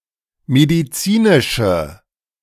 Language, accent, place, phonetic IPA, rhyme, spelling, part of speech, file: German, Germany, Berlin, [mediˈt͡siːnɪʃə], -iːnɪʃə, medizinische, adjective, De-medizinische.ogg
- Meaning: inflection of medizinisch: 1. strong/mixed nominative/accusative feminine singular 2. strong nominative/accusative plural 3. weak nominative all-gender singular